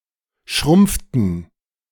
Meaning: inflection of schrumpfen: 1. first/third-person plural preterite 2. first/third-person plural subjunctive II
- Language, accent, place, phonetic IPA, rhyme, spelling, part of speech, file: German, Germany, Berlin, [ˈʃʁʊmp͡ftn̩], -ʊmp͡ftn̩, schrumpften, verb, De-schrumpften.ogg